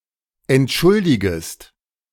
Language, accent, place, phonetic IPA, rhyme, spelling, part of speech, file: German, Germany, Berlin, [ɛntˈʃʊldɪɡəst], -ʊldɪɡəst, entschuldigest, verb, De-entschuldigest.ogg
- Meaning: second-person singular subjunctive I of entschuldigen